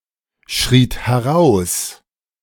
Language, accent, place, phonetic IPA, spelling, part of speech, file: German, Germany, Berlin, [ˌʃʁiːt hɛˈʁaʊ̯s], schriet heraus, verb, De-schriet heraus.ogg
- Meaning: second-person plural preterite of herausschreien